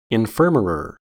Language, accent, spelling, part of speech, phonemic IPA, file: English, US, infirmarer, noun, /ɪnˈfɝ.mə.ɹɚ/, En-us-infirmarer.ogg
- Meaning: One who took care of the sick, especially in a medieval monastery or nunnery; physician